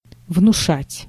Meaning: 1. to arouse (fear, etc.), to instill/inspire (respect, etc.) 2. to convince, to suggest
- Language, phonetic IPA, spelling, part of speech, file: Russian, [vnʊˈʂatʲ], внушать, verb, Ru-внушать.ogg